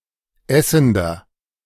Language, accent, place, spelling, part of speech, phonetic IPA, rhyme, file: German, Germany, Berlin, essender, adjective, [ˈɛsn̩dɐ], -ɛsn̩dɐ, De-essender.ogg
- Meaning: inflection of essend: 1. strong/mixed nominative masculine singular 2. strong genitive/dative feminine singular 3. strong genitive plural